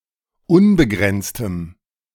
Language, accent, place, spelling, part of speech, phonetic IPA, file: German, Germany, Berlin, unbegrenztem, adjective, [ˈʊnbəˌɡʁɛnt͡stəm], De-unbegrenztem.ogg
- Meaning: strong dative masculine/neuter singular of unbegrenzt